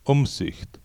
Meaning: 1. policy 2. prudence 3. providence 4. discretion
- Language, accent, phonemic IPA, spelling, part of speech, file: German, Austria, /ˈʊmˌzɪçt/, Umsicht, noun, De-at-Umsicht.oga